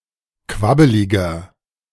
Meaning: 1. comparative degree of quabbelig 2. inflection of quabbelig: strong/mixed nominative masculine singular 3. inflection of quabbelig: strong genitive/dative feminine singular
- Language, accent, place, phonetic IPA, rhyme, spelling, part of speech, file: German, Germany, Berlin, [ˈkvabəlɪɡɐ], -abəlɪɡɐ, quabbeliger, adjective, De-quabbeliger.ogg